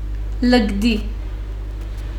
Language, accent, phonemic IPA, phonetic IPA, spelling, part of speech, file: Armenian, Western Armenian, /ləɡˈdi/, [ləɡdí], լկտի, adjective, HyW-լկտի.ogg
- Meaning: 1. insolent; impudent; impertinent 2. lascivious, wanton